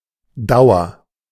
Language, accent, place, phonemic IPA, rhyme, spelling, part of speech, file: German, Germany, Berlin, /ˈdaʊ̯ɐ/, -aʊ̯ɐ, Dauer, noun, De-Dauer.ogg
- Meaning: 1. duration 2. permanence